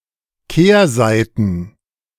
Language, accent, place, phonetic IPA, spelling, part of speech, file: German, Germany, Berlin, [ˈkeːɐ̯ˌzaɪ̯tn̩], Kehrseiten, noun, De-Kehrseiten.ogg
- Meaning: plural of Kehrseite